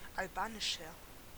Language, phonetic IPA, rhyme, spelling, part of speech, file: German, [alˈbaːnɪʃɐ], -aːnɪʃɐ, albanischer, adjective, De-albanischer.ogg
- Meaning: 1. comparative degree of albanisch 2. inflection of albanisch: strong/mixed nominative masculine singular 3. inflection of albanisch: strong genitive/dative feminine singular